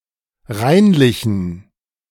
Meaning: inflection of reinlich: 1. strong genitive masculine/neuter singular 2. weak/mixed genitive/dative all-gender singular 3. strong/weak/mixed accusative masculine singular 4. strong dative plural
- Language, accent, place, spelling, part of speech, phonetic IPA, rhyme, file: German, Germany, Berlin, reinlichen, adjective, [ˈʁaɪ̯nlɪçn̩], -aɪ̯nlɪçn̩, De-reinlichen.ogg